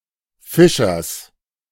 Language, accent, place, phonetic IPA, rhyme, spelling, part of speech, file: German, Germany, Berlin, [ˈfɪʃɐs], -ɪʃɐs, Fischers, noun, De-Fischers.ogg
- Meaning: genitive of Fischer